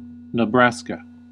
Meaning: A state in the Midwestern region of the United States. Capital: Lincoln. Largest city: Omaha
- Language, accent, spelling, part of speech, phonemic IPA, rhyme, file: English, US, Nebraska, proper noun, /nəˈbɹæs.kə/, -æskə, En-us-Nebraska.ogg